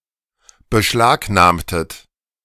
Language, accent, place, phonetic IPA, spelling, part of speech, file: German, Germany, Berlin, [bəˈʃlaːkˌnaːmtət], beschlagnahmtet, verb, De-beschlagnahmtet.ogg
- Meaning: inflection of beschlagnahmen: 1. second-person plural preterite 2. second-person plural subjunctive II